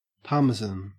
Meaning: 1. A hard, full-fat Italian cheese from Parma or its neighboring province Reggio Emilia 2. A similar cheese produced elsewhere 3. Money
- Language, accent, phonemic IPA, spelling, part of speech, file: English, Australia, /ˈpɑːməzən/, parmesan, noun, En-au-parmesan.ogg